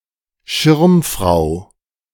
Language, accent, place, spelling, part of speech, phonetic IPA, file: German, Germany, Berlin, Schirmfrau, noun, [ˈʃɪʁmˌfʁaʊ̯], De-Schirmfrau.ogg
- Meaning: female equivalent of Schirmherr: female patron